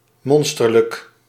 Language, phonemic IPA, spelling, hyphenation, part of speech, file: Dutch, /ˈmɔnstərlək/, monsterlijk, mon‧ster‧lijk, adjective, Nl-monsterlijk.ogg
- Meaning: monstrous